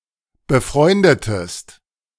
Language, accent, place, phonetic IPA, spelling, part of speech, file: German, Germany, Berlin, [bəˈfʁɔɪ̯ndətəst], befreundetest, verb, De-befreundetest.ogg
- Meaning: inflection of befreunden: 1. second-person singular preterite 2. second-person singular subjunctive II